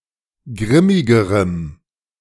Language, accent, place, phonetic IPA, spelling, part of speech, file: German, Germany, Berlin, [ˈɡʁɪmɪɡəʁəm], grimmigerem, adjective, De-grimmigerem.ogg
- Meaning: strong dative masculine/neuter singular comparative degree of grimmig